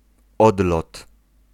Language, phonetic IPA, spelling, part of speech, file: Polish, [ˈɔdlɔt], odlot, noun, Pl-odlot.ogg